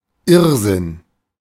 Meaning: insanity, madness
- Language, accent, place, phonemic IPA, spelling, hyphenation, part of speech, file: German, Germany, Berlin, /ˈɪʁzɪn/, Irrsinn, Irr‧sinn, noun, De-Irrsinn.ogg